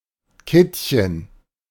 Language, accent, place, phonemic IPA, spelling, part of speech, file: German, Germany, Berlin, /ˈkɪtçən/, Kittchen, noun, De-Kittchen.ogg
- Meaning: jail, gaol